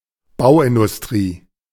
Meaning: building / construction industry
- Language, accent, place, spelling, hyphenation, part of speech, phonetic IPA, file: German, Germany, Berlin, Bauindustrie, Bau‧in‧dus‧t‧rie, noun, [ˈbaʊ̯ˌʔɪndʊsˌtʁiː], De-Bauindustrie.ogg